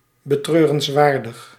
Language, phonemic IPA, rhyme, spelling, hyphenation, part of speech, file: Dutch, /bəˌtrøːrənsˈʋaːrdəx/, -aːrdəx, betreurenswaardig, be‧treu‧rens‧waar‧dig, adjective, Nl-betreurenswaardig.ogg
- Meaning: regrettable, lamentable